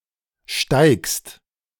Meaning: second-person singular present of steigen
- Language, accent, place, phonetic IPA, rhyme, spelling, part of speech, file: German, Germany, Berlin, [ʃtaɪ̯kst], -aɪ̯kst, steigst, verb, De-steigst.ogg